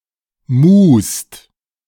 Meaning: second-person singular present of muhen
- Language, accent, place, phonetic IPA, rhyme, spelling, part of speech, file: German, Germany, Berlin, [muːst], -uːst, muhst, verb, De-muhst.ogg